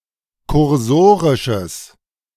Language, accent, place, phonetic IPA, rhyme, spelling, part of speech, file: German, Germany, Berlin, [kʊʁˈzoːʁɪʃəs], -oːʁɪʃəs, kursorisches, adjective, De-kursorisches.ogg
- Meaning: strong/mixed nominative/accusative neuter singular of kursorisch